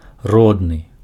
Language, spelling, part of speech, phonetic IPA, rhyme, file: Belarusian, родны, adjective, [ˈrodnɨ], -odnɨ, Be-родны.ogg
- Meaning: 1. native 2. genitive